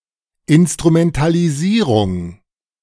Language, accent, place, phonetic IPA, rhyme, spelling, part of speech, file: German, Germany, Berlin, [ɪnstʁumɛntaliˈziːʁʊŋ], -iːʁʊŋ, Instrumentalisierung, noun, De-Instrumentalisierung.ogg
- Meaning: instrumentalisation/instrumentalization, exploitation